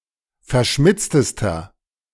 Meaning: inflection of verschmitzt: 1. strong/mixed nominative masculine singular superlative degree 2. strong genitive/dative feminine singular superlative degree 3. strong genitive plural superlative degree
- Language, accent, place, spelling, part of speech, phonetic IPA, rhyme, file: German, Germany, Berlin, verschmitztester, adjective, [fɛɐ̯ˈʃmɪt͡stəstɐ], -ɪt͡stəstɐ, De-verschmitztester.ogg